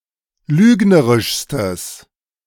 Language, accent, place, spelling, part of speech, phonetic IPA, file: German, Germany, Berlin, lügnerischstes, adjective, [ˈlyːɡnəʁɪʃstəs], De-lügnerischstes.ogg
- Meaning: strong/mixed nominative/accusative neuter singular superlative degree of lügnerisch